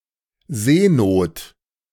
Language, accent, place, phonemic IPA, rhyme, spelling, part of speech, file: German, Germany, Berlin, /ˈzeːnoːt/, -oːt, Seenot, noun, De-Seenot.ogg
- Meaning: distress at sea